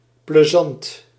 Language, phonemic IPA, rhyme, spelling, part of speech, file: Dutch, /pləˈzɑnt/, -ɑnt, plezant, adjective, Nl-plezant.ogg
- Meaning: pleasant